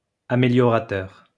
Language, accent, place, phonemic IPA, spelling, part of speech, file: French, France, Lyon, /a.me.ljɔ.ʁa.tœʁ/, améliorateur, noun, LL-Q150 (fra)-améliorateur.wav
- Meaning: ameliorator